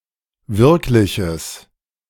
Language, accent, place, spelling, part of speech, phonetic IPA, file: German, Germany, Berlin, wirkliches, adjective, [ˈvɪʁklɪçəs], De-wirkliches.ogg
- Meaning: strong/mixed nominative/accusative neuter singular of wirklich